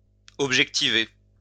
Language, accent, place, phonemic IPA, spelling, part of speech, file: French, France, Lyon, /ɔb.ʒɛk.ti.ve/, objectiver, verb, LL-Q150 (fra)-objectiver.wav
- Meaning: to objectivize